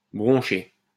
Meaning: 1. to stumble 2. to flinch 3. to budge
- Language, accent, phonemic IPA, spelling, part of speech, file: French, France, /bʁɔ̃.ʃe/, broncher, verb, LL-Q150 (fra)-broncher.wav